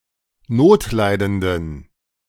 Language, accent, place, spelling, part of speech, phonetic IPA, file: German, Germany, Berlin, notleidenden, adjective, [ˈnoːtˌlaɪ̯dəndn̩], De-notleidenden.ogg
- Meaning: inflection of notleidend: 1. strong genitive masculine/neuter singular 2. weak/mixed genitive/dative all-gender singular 3. strong/weak/mixed accusative masculine singular 4. strong dative plural